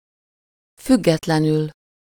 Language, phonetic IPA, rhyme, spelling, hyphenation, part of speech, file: Hungarian, [ˈfyɡːɛtlɛnyl], -yl, függetlenül, füg‧get‧le‧nül, adverb, Hu-függetlenül.ogg
- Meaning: independently